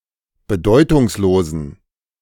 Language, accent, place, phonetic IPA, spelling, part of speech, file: German, Germany, Berlin, [bəˈdɔɪ̯tʊŋsˌloːzn̩], bedeutungslosen, adjective, De-bedeutungslosen.ogg
- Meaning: inflection of bedeutungslos: 1. strong genitive masculine/neuter singular 2. weak/mixed genitive/dative all-gender singular 3. strong/weak/mixed accusative masculine singular 4. strong dative plural